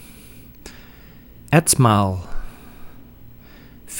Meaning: day (period of 24 hours), nychthemeron
- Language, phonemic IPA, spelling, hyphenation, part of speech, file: Dutch, /ˈɛt.maːl/, etmaal, et‧maal, noun, Nl-etmaal.ogg